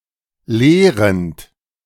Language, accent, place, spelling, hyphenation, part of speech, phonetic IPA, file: German, Germany, Berlin, lehrend, leh‧rend, verb / adjective, [ˈleːʁənt], De-lehrend.ogg
- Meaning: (verb) present participle of lehren; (adjective) teaching, instructing, educating